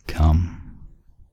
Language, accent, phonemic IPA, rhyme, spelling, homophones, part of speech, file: English, US, /kʌm/, -ʌm, cum, come, noun / verb, En-us-cum.ogg
- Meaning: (noun) 1. Semen 2. Female ejaculatory discharge 3. An ejaculation; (verb) 1. To have an orgasm, to feel the sensation of an orgasm 2. To ejaculate